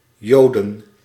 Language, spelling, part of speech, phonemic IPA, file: Dutch, joden, noun, /ˈjodə(n)/, Nl-joden.ogg
- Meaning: plural of jood